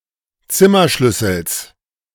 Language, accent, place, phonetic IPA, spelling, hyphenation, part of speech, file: German, Germany, Berlin, [ˈt͡sɪmɐˌʃlʏsl̩s], Zimmerschlüssels, Zim‧mer‧schlüs‧sels, noun, De-Zimmerschlüssels.ogg
- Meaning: genitive of Zimmerschlüssel